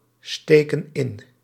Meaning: inflection of insteken: 1. plural present indicative 2. plural present subjunctive
- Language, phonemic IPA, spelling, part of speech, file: Dutch, /ˈstekə(n) ˈɪn/, steken in, verb, Nl-steken in.ogg